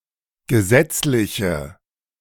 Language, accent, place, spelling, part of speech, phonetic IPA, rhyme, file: German, Germany, Berlin, gesetzliche, adjective, [ɡəˈzɛt͡slɪçə], -ɛt͡slɪçə, De-gesetzliche.ogg
- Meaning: inflection of gesetzlich: 1. strong/mixed nominative/accusative feminine singular 2. strong nominative/accusative plural 3. weak nominative all-gender singular